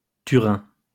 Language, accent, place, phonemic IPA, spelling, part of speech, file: French, France, Lyon, /ty.ʁɛ̃/, Turin, proper noun, LL-Q150 (fra)-Turin.wav
- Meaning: Turin (a city and comune, the capital of the Metropolitan City of Turin and the region of Piedmont, Italy)